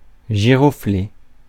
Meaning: wallflower (plant)
- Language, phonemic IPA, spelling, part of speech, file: French, /ʒi.ʁɔ.fle/, giroflée, noun, Fr-giroflée.ogg